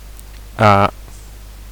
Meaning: 1. The first letter of the Dutch alphabet, written in the Latin script 2. alternative form of -A- (“morpheme occurring in Chinese Surinamese surnames”)
- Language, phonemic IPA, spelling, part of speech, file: Dutch, /aː/, A, character, Nl-A.ogg